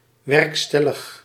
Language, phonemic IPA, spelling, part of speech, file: Dutch, /ˈʋɛrkstɛləx/, werkstellig, adjective, Nl-werkstellig.ogg
- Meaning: in effect, in force, being applied in practice